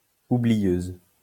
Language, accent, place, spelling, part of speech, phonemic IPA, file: French, France, Lyon, oublieuse, adjective, /u.bli.jøz/, LL-Q150 (fra)-oublieuse.wav
- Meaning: feminine singular of oublieux